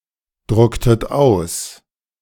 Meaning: inflection of ausdrucken: 1. second-person plural preterite 2. second-person plural subjunctive II
- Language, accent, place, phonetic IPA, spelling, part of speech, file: German, Germany, Berlin, [ˌdʁʊktət ˈaʊ̯s], drucktet aus, verb, De-drucktet aus.ogg